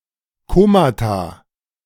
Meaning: plural of Koma
- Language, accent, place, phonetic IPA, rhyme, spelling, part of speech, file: German, Germany, Berlin, [ˈkoːmata], -oːmata, Komata, noun, De-Komata.ogg